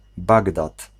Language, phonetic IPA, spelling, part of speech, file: Polish, [ˈbaɡdat], Bagdad, proper noun, Pl-Bagdad.ogg